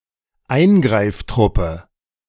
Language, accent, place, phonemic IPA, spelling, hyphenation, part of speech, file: German, Germany, Berlin, /ˈaɪ̯nɡʁaɪ̯fˌtʁʊpə/, Eingreiftruppe, Ein‧greif‧trup‧pe, noun, De-Eingreiftruppe.ogg
- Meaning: intervention force, response force, deployment force, task force, emergency team